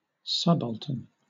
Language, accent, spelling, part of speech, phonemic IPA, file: English, Southern England, subaltern, adjective / noun, /ˈsʌb.əltən/, LL-Q1860 (eng)-subaltern.wav
- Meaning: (adjective) Of a lower rank or position; inferior or secondary; especially (military) ranking as a junior officer, below the rank of captain